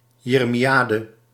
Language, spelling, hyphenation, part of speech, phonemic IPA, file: Dutch, jeremiade, je‧re‧mi‧a‧de, noun, /ˌjeː.rə.miˈaː.də/, Nl-jeremiade.ogg
- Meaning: 1. moaning, lamentation 2. jeremiad